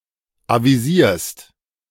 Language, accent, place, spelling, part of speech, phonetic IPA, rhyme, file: German, Germany, Berlin, avisierst, verb, [ˌaviˈziːɐ̯st], -iːɐ̯st, De-avisierst.ogg
- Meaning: second-person singular present of avisieren